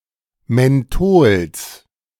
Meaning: genitive singular of Menthol
- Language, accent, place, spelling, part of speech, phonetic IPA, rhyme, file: German, Germany, Berlin, Menthols, noun, [mɛnˈtoːls], -oːls, De-Menthols.ogg